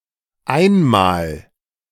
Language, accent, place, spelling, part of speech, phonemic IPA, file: German, Germany, Berlin, einmal, adverb, /ˈaɪ̯nmaːl/, De-einmal.ogg
- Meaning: 1. once, one time (one and only one time) 2. once (formerly; during some period in the past) 3. sometime (at an indefinite but stated time in the past or future)